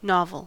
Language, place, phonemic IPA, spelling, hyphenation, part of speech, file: English, California, /ˈnɑvəl/, novel, novel, adjective / noun, En-us-novel.ogg
- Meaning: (adjective) 1. Newly made, formed or evolved; having no precedent; of recent origin; new 2. Original, especially in an interesting way; new and striking; not of the typical or ordinary type